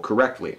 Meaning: In a correct manner
- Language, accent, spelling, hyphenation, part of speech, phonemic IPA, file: English, US, correctly, cor‧rect‧ly, adverb, /kəˈɹɛk(t).li/, En-us-correctly.ogg